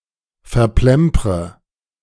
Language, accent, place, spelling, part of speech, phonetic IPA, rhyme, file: German, Germany, Berlin, verplempre, verb, [fɛɐ̯ˈplɛmpʁə], -ɛmpʁə, De-verplempre.ogg
- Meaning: inflection of verplempern: 1. first-person singular present 2. first/third-person singular subjunctive I 3. singular imperative